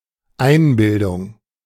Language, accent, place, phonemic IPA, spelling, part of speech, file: German, Germany, Berlin, /ˈaɪ̯nˌbɪldʊŋ/, Einbildung, noun, De-Einbildung.ogg
- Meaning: 1. illusion, imagination 2. conceit (“overly high self-esteem”)